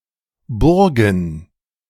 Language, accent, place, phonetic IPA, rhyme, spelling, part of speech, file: German, Germany, Berlin, [ˈbʊʁɡn̩], -ʊʁɡn̩, Burgen, noun, De-Burgen.ogg
- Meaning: plural of Burg